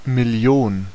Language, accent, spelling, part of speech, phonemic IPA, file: German, Germany, Million, noun, /mɪˈli̯oːn/, De-Million.ogg
- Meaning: million (10⁶)